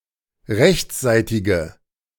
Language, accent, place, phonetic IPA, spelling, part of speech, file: German, Germany, Berlin, [ˈʁɛçt͡sˌzaɪ̯tɪɡə], rechtsseitige, adjective, De-rechtsseitige.ogg
- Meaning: inflection of rechtsseitig: 1. strong/mixed nominative/accusative feminine singular 2. strong nominative/accusative plural 3. weak nominative all-gender singular